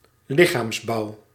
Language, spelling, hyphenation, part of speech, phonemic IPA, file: Dutch, lichaamsbouw, li‧chaams‧bouw, noun, /ˈlɪ.xaːmsˌbɑu̯/, Nl-lichaamsbouw.ogg
- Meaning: physique, constitution, build of one's body